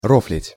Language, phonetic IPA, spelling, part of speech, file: Russian, [ˈroflʲɪtʲ], рофлить, verb, Ru-рофлить.ogg
- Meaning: 1. to joke, to jest 2. to laugh 3. to laugh at (над кем, над чем) 4. to laugh because (с кого, с чего) 5. to mock, to deride